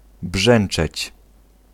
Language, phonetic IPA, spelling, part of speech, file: Polish, [ˈbʒɛ̃n͇t͡ʃɛt͡ɕ], brzęczeć, verb, Pl-brzęczeć.ogg